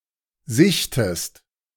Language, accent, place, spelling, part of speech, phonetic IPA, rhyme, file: German, Germany, Berlin, sichtest, verb, [ˈzɪçtəst], -ɪçtəst, De-sichtest.ogg
- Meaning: inflection of sichten: 1. second-person singular present 2. second-person singular subjunctive I